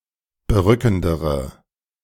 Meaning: inflection of berückend: 1. strong/mixed nominative/accusative feminine singular comparative degree 2. strong nominative/accusative plural comparative degree
- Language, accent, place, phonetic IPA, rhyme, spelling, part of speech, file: German, Germany, Berlin, [bəˈʁʏkn̩dəʁə], -ʏkn̩dəʁə, berückendere, adjective, De-berückendere.ogg